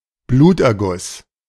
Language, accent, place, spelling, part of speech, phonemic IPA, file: German, Germany, Berlin, Bluterguss, noun, /ˈbluːt.ʔɛɐ̯ˌɡʊs/, De-Bluterguss.ogg
- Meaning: bruise